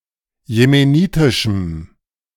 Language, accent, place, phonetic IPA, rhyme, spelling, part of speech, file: German, Germany, Berlin, [jemeˈniːtɪʃm̩], -iːtɪʃm̩, jemenitischem, adjective, De-jemenitischem.ogg
- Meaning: strong dative masculine/neuter singular of jemenitisch